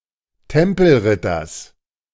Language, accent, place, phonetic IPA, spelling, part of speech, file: German, Germany, Berlin, [ˈtɛmpl̩ˌʁɪtɐs], Tempelritters, noun, De-Tempelritters.ogg
- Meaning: genitive singular of Tempelritter